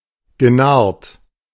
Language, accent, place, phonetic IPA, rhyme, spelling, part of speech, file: German, Germany, Berlin, [ɡəˈnaʁt], -aʁt, genarrt, verb, De-genarrt.ogg
- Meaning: past participle of narren